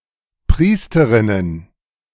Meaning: plural of Priesterin
- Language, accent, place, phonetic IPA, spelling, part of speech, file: German, Germany, Berlin, [ˈpʁiːstəʁɪnən], Priesterinnen, noun, De-Priesterinnen.ogg